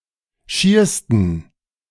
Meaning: 1. superlative degree of schier 2. inflection of schier: strong genitive masculine/neuter singular superlative degree
- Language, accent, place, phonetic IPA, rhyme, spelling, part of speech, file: German, Germany, Berlin, [ˈʃiːɐ̯stn̩], -iːɐ̯stn̩, schiersten, adjective, De-schiersten.ogg